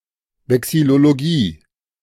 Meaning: vexillology
- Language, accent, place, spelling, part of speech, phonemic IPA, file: German, Germany, Berlin, Vexillologie, noun, /vɛksɪloloˈɡiː/, De-Vexillologie.ogg